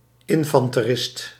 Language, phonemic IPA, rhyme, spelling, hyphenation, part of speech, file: Dutch, /ˌɪn.fɑn.təˈrɪst/, -ɪst, infanterist, in‧fan‧te‧rist, noun, Nl-infanterist.ogg
- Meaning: foot soldier, infantryman